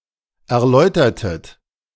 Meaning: inflection of erläutern: 1. second-person plural preterite 2. second-person plural subjunctive II
- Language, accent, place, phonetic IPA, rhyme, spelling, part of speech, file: German, Germany, Berlin, [ɛɐ̯ˈlɔɪ̯tɐtət], -ɔɪ̯tɐtət, erläutertet, verb, De-erläutertet.ogg